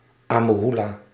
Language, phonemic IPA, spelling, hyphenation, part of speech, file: Dutch, /ɑ.məˈɦu.laː/, ammehoela, am‧me‧hoe‧la, interjection, Nl-ammehoela.ogg
- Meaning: 1. no way!, yeah right!, I don't think so! 2. not on your life!, I don't think so!, whatever!